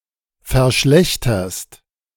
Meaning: second-person singular present of verschlechtern
- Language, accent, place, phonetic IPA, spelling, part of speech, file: German, Germany, Berlin, [fɛɐ̯ˈʃlɛçtɐst], verschlechterst, verb, De-verschlechterst.ogg